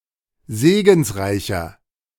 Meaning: 1. comparative degree of segensreich 2. inflection of segensreich: strong/mixed nominative masculine singular 3. inflection of segensreich: strong genitive/dative feminine singular
- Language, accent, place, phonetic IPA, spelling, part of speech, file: German, Germany, Berlin, [ˈzeːɡn̩sˌʁaɪ̯çɐ], segensreicher, adjective, De-segensreicher.ogg